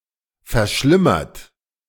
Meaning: 1. past participle of verschlimmern 2. inflection of verschlimmern: third-person singular present 3. inflection of verschlimmern: second-person plural present
- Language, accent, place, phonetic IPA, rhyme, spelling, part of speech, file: German, Germany, Berlin, [fɛɐ̯ˈʃlɪmɐt], -ɪmɐt, verschlimmert, verb, De-verschlimmert.ogg